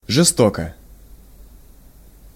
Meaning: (adverb) hard, harshly, sorely, violently, foully, sore, sharply; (adjective) short neuter singular of жесто́кий (žestókij)
- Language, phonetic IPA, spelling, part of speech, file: Russian, [ʐɨˈstokə], жестоко, adverb / adjective, Ru-жестоко.ogg